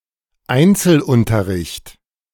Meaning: one-to-one lessons, individual instruction
- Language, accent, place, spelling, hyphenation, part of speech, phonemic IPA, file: German, Germany, Berlin, Einzelunterricht, Ein‧zel‧un‧ter‧richt, noun, /ˈaintsəl.ˌʊntɐʁɪçt/, De-Einzelunterricht.ogg